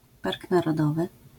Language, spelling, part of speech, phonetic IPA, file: Polish, park narodowy, noun, [ˈpark ˌnarɔˈdɔvɨ], LL-Q809 (pol)-park narodowy.wav